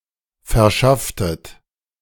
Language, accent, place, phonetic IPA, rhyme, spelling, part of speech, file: German, Germany, Berlin, [fɛɐ̯ˈʃaftət], -aftət, verschafftet, verb, De-verschafftet.ogg
- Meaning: inflection of verschaffen: 1. second-person plural preterite 2. second-person plural subjunctive II